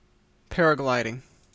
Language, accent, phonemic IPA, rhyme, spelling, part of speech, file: English, Canada, /ˈpæɹəɡlaɪdɪŋ/, -aɪdɪŋ, paragliding, noun / verb, En-ca-paragliding.ogg
- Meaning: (noun) 1. The sport of gliding with a paraglider 2. The use of a paraglider in other settings, such as surveillance or military applications; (verb) present participle and gerund of paraglide